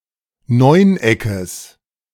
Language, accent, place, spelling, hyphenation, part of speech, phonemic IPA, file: German, Germany, Berlin, Neuneckes, Neun‧eckes, noun, /ˈnɔɪ̯nˌ.ɛkəs/, De-Neuneckes.ogg
- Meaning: genitive singular of Neuneck